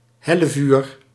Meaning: 1. the fire of Hell; hellfire 2. fire produced by the Devil, or a similar supernatural creature connected to Hell 3. a fire that burns with unusual heat or ferocity; an inferno
- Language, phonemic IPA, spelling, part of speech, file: Dutch, /ˈhɛləˌvyr/, hellevuur, noun, Nl-hellevuur.ogg